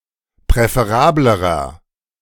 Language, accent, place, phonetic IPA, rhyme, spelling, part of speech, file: German, Germany, Berlin, [pʁɛfeˈʁaːbləʁɐ], -aːbləʁɐ, präferablerer, adjective, De-präferablerer.ogg
- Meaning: inflection of präferabel: 1. strong/mixed nominative masculine singular comparative degree 2. strong genitive/dative feminine singular comparative degree 3. strong genitive plural comparative degree